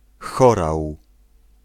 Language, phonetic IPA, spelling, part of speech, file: Polish, [ˈxɔraw], chorał, noun, Pl-chorał.ogg